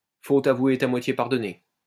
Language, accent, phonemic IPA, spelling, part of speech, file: French, France, /fot a.vwe ɛ.t‿a mwa.tje paʁ.dɔ.ne/, faute avouée est à moitié pardonnée, proverb, LL-Q150 (fra)-faute avouée est à moitié pardonnée.wav
- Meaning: a fault confessed is half redressed